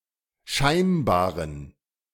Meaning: inflection of scheinbar: 1. strong genitive masculine/neuter singular 2. weak/mixed genitive/dative all-gender singular 3. strong/weak/mixed accusative masculine singular 4. strong dative plural
- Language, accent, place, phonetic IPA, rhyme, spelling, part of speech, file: German, Germany, Berlin, [ˈʃaɪ̯nbaːʁən], -aɪ̯nbaːʁən, scheinbaren, adjective, De-scheinbaren.ogg